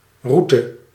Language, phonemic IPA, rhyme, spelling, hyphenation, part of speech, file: Dutch, /ˈru.tə/, -utə, route, rou‧te, noun, Nl-route.ogg
- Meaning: 1. route, course, way (particular pathway or direction one travels) 2. road, route